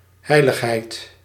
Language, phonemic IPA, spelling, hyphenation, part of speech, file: Dutch, /ˈɦɛi̯.ləxˌɦɛi̯t/, heiligheid, hei‧lig‧heid, noun, Nl-heiligheid.ogg
- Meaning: 1. holiness (quality or state of being holy, sacred) 2. something that is holy